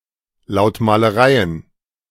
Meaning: plural of Lautmalerei
- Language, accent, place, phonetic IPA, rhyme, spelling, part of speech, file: German, Germany, Berlin, [ˌlaʊ̯tmaːləˈʁaɪ̯ən], -aɪ̯ən, Lautmalereien, noun, De-Lautmalereien.ogg